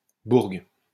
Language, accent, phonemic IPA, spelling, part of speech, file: French, France, /buʁɡ/, bourgue, noun, LL-Q150 (fra)-bourgue.wav
- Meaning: cash